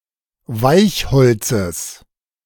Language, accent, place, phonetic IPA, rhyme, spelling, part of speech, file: German, Germany, Berlin, [ˈvaɪ̯çˌhɔlt͡səs], -aɪ̯çhɔlt͡səs, Weichholzes, noun, De-Weichholzes.ogg
- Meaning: genitive singular of Weichholz